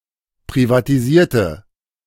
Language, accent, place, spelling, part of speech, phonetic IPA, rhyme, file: German, Germany, Berlin, privatisierte, adjective / verb, [pʁivatiˈziːɐ̯tə], -iːɐ̯tə, De-privatisierte.ogg
- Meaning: inflection of privatisieren: 1. first/third-person singular preterite 2. first/third-person singular subjunctive II